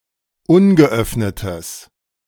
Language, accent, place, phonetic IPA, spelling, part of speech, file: German, Germany, Berlin, [ˈʊnɡəˌʔœfnətəs], ungeöffnetes, adjective, De-ungeöffnetes.ogg
- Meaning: strong/mixed nominative/accusative neuter singular of ungeöffnet